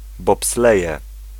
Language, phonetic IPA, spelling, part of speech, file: Polish, [bɔpsˈlɛjɛ], bobsleje, noun, Pl-bobsleje.ogg